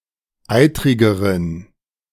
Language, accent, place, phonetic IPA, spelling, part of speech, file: German, Germany, Berlin, [ˈaɪ̯tʁɪɡəʁən], eitrigeren, adjective, De-eitrigeren.ogg
- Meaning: inflection of eitrig: 1. strong genitive masculine/neuter singular comparative degree 2. weak/mixed genitive/dative all-gender singular comparative degree